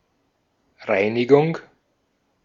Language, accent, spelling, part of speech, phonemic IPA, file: German, Austria, Reinigung, noun, /ˈʁaɪ̯niɡʊŋ/, De-at-Reinigung.ogg
- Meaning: 1. cleaning, cleansing, purification 2. dry cleaner